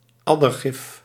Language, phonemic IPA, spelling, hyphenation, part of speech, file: Dutch, /ˈɑ.dərˌɣɪf/, addergif, ad‧der‧gif, noun, Nl-addergif.ogg
- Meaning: viper venom